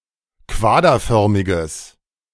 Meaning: strong/mixed nominative/accusative neuter singular of quaderförmig
- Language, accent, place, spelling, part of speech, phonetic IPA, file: German, Germany, Berlin, quaderförmiges, adjective, [ˈkvaːdɐˌfœʁmɪɡəs], De-quaderförmiges.ogg